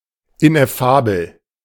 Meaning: ineffable
- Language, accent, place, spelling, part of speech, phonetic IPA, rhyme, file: German, Germany, Berlin, ineffabel, adjective, [ɪnʔɛˈfaːbl̩], -aːbl̩, De-ineffabel.ogg